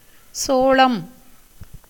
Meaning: 1. maize, corn 2. sorghum, jawar 3. great millet
- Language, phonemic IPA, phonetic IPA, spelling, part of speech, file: Tamil, /tʃoːɭɐm/, [soːɭɐm], சோளம், noun, Ta-சோளம்.ogg